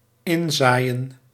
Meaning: to sow seed into a (tract of soil)
- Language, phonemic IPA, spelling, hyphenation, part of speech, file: Dutch, /ˈɪnˌzaːi̯.ə(n)/, inzaaien, in‧zaai‧en, verb, Nl-inzaaien.ogg